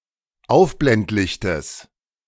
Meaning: genitive singular of Aufblendlicht
- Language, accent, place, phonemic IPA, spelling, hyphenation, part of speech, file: German, Germany, Berlin, /ˈaʊ̯fblɛntˌlɪçtəs/, Aufblendlichtes, Auf‧blend‧lich‧tes, noun, De-Aufblendlichtes.ogg